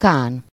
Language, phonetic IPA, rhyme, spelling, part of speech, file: Hungarian, [ˈkaːn], -aːn, kán, noun, Hu-kán.ogg
- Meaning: khan